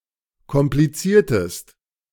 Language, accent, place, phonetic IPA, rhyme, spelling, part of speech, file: German, Germany, Berlin, [kɔmpliˈt͡siːɐ̯təst], -iːɐ̯təst, kompliziertest, verb, De-kompliziertest.ogg
- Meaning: inflection of komplizieren: 1. second-person singular preterite 2. second-person singular subjunctive II